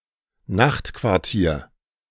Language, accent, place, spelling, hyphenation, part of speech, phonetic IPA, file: German, Germany, Berlin, Nachtquartier, Nacht‧quar‧tier, noun, [ˈnaχtkvaʁˌtiːɐ̯], De-Nachtquartier.ogg
- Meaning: night's lodging